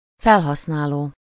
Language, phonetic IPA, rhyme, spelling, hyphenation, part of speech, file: Hungarian, [ˈfɛlɦɒsnaːloː], -loː, felhasználó, fel‧hasz‧ná‧ló, verb / noun, Hu-felhasználó.ogg
- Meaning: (verb) present participle of felhasznál; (noun) user